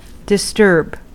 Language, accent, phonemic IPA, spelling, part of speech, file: English, US, /dɪˈstɝb/, disturb, verb / noun, En-us-disturb.ogg
- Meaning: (verb) 1. to confuse a quiet, constant state or a calm, continuous flow, in particular: thoughts, actions or liquids 2. to divert, redirect, or alter by disturbing